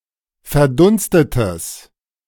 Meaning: strong/mixed nominative/accusative neuter singular of verdunstet
- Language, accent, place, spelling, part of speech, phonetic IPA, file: German, Germany, Berlin, verdunstetes, adjective, [fɛɐ̯ˈdʊnstətəs], De-verdunstetes.ogg